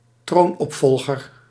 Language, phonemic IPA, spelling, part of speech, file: Dutch, /ˈtronɔpfɔlɣər/, troonopvolger, noun, Nl-troonopvolger.ogg
- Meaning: heir apparent